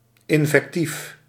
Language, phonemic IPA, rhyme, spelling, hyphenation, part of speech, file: Dutch, /ˌɪn.vɛkˈtif/, -if, invectief, in‧vec‧tief, noun, Nl-invectief.ogg
- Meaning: insult, invective